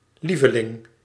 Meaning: 1. favorite 2. darling
- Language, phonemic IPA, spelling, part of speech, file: Dutch, /ˈlivəˌlɪŋ/, lieveling, noun, Nl-lieveling.ogg